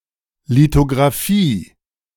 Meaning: alternative spelling of Lithografie
- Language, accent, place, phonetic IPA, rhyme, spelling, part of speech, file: German, Germany, Berlin, [litoɡʁaˈfiː], -iː, Lithographie, noun, De-Lithographie.ogg